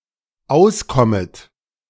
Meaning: second-person plural dependent subjunctive I of auskommen
- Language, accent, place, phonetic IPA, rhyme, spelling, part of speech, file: German, Germany, Berlin, [ˈaʊ̯sˌkɔmət], -aʊ̯skɔmət, auskommet, verb, De-auskommet.ogg